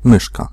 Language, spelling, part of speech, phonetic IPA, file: Polish, myszka, noun, [ˈmɨʃka], Pl-myszka.ogg